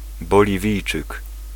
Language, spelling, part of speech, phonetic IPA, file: Polish, Boliwijczyk, noun, [ˌbɔlʲiˈvʲijt͡ʃɨk], Pl-Boliwijczyk.ogg